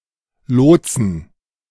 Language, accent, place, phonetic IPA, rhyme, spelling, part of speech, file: German, Germany, Berlin, [ˈloːt͡sn̩], -oːt͡sn̩, Lotsen, noun, De-Lotsen.ogg
- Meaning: 1. genitive singular of Lotse 2. plural of Lotse